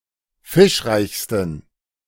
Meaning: 1. superlative degree of fischreich 2. inflection of fischreich: strong genitive masculine/neuter singular superlative degree
- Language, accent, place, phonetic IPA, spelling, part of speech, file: German, Germany, Berlin, [ˈfɪʃˌʁaɪ̯çstn̩], fischreichsten, adjective, De-fischreichsten.ogg